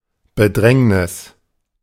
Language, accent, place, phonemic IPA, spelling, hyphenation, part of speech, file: German, Germany, Berlin, /bəˈdʁɛŋnɪs/, Bedrängnis, Be‧dräng‧nis, noun, De-Bedrängnis.ogg
- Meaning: hardship, distress